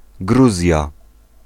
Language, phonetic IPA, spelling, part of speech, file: Polish, [ˈɡruzʲja], Gruzja, proper noun, Pl-Gruzja.ogg